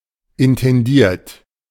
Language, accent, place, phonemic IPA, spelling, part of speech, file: German, Germany, Berlin, /ɪntɛnˈdiːɐ̯t/, intendiert, verb / adjective, De-intendiert.ogg
- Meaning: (verb) past participle of intendieren; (adjective) intended